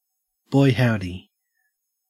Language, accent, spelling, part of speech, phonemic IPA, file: English, Australia, boy howdy, interjection, /ˈbɔɪ ˈhaʊdi/, En-au-boy howdy.ogg
- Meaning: 1. Expresses strong support or agreement 2. Expresses emphasis